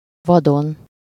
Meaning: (noun) 1. remote, uncultivated, lush, primeval forest, far from human habitation 2. wilderness (barren, desolate, abandoned region, uncultivated tract of land)
- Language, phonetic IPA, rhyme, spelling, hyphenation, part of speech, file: Hungarian, [ˈvɒdon], -on, vadon, va‧don, noun / adverb / adjective, Hu-vadon.ogg